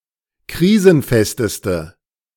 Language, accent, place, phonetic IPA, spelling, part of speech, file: German, Germany, Berlin, [ˈkʁiːzn̩ˌfɛstəstə], krisenfesteste, adjective, De-krisenfesteste.ogg
- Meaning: inflection of krisenfest: 1. strong/mixed nominative/accusative feminine singular superlative degree 2. strong nominative/accusative plural superlative degree